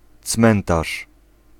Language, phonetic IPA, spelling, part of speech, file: Polish, [ˈt͡smɛ̃ntaʃ], cmentarz, noun, Pl-cmentarz.ogg